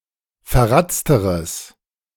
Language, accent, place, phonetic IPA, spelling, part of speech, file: German, Germany, Berlin, [fɛɐ̯ˈʁat͡stəʁəs], verratzteres, adjective, De-verratzteres.ogg
- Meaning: strong/mixed nominative/accusative neuter singular comparative degree of verratzt